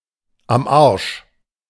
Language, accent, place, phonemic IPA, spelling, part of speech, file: German, Germany, Berlin, /am ˈaʁʃ/, am Arsch, adverb / adjective / interjection, De-am Arsch.ogg
- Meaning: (adverb) For non-idiomatic uses see am and Arsch; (adjective) 1. broken, fucked 2. exhausted, tired 3. In trouble; in a hopeless situation; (interjection) my arse; my foot